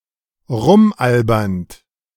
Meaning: present participle of rumalbern
- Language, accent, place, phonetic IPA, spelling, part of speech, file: German, Germany, Berlin, [ˈʁʊmˌʔalbɐnt], rumalbernd, verb, De-rumalbernd.ogg